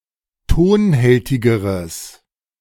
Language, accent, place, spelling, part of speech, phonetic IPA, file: German, Germany, Berlin, tonhältigeres, adjective, [ˈtoːnˌhɛltɪɡəʁəs], De-tonhältigeres.ogg
- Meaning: strong/mixed nominative/accusative neuter singular comparative degree of tonhältig